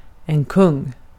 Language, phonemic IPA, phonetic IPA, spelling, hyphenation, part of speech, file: Swedish, /kɵŋː/, [kʰɵ̞ᵝŋː], kung, kung, noun, Sv-kung.ogg
- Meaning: 1. a king 2. A component of certain games.: a king 3. A component of certain games.: a king, a centre piece that must be knocked down last